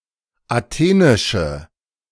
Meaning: inflection of athenisch: 1. strong/mixed nominative/accusative feminine singular 2. strong nominative/accusative plural 3. weak nominative all-gender singular
- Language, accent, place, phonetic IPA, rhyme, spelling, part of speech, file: German, Germany, Berlin, [aˈteːnɪʃə], -eːnɪʃə, athenische, adjective, De-athenische.ogg